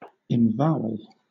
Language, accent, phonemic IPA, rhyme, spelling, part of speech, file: English, Southern England, /ɪmˈvaʊ.əl/, -aʊəl, emvowel, verb, LL-Q1860 (eng)-emvowel.wav
- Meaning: To replace a portion of a person's name with a dash in printing, in order to avoid libel